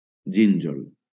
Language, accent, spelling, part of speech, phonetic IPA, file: Catalan, Valencia, gínjol, noun, [ˈd͡ʒiɲ.d͡ʒol], LL-Q7026 (cat)-gínjol.wav
- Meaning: 1. jujube 2. lily